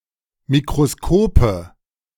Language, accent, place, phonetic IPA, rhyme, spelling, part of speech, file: German, Germany, Berlin, [mikʁoˈskoːpə], -oːpə, Mikroskope, noun, De-Mikroskope.ogg
- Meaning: nominative/accusative/genitive plural of Mikroskop